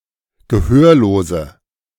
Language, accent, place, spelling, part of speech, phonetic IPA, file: German, Germany, Berlin, gehörlose, adjective, [ɡəˈhøːɐ̯loːzə], De-gehörlose.ogg
- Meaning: inflection of gehörlos: 1. strong/mixed nominative/accusative feminine singular 2. strong nominative/accusative plural 3. weak nominative all-gender singular